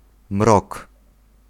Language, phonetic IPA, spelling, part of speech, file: Polish, [mrɔk], mrok, noun, Pl-mrok.ogg